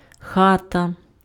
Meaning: 1. house, home 2. hut, cottage (small, traditional house) 3. room
- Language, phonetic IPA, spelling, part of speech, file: Ukrainian, [ˈxatɐ], хата, noun, Uk-хата.ogg